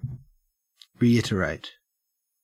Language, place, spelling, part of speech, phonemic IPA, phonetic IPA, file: English, Queensland, reiterate, verb / adjective / noun, /ɹiːˈɪtəɹæɪt/, [ɹiːˈɪɾəɹæɪt], En-au-reiterate.ogg
- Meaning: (verb) 1. To say or do (something) for a second time, such as for emphasis 2. To say or do (something) repeatedly 3. To say (something) for a second time, but word it differently